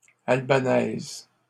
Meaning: feminine singular of albanais
- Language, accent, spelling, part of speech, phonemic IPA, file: French, Canada, albanaise, adjective, /al.ba.nɛz/, LL-Q150 (fra)-albanaise.wav